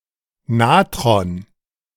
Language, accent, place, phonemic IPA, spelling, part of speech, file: German, Germany, Berlin, /ˈnaːtʁɔn/, Natron, noun, De-Natron.ogg
- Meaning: 1. sodium bicarbonate 2. natron (mineral)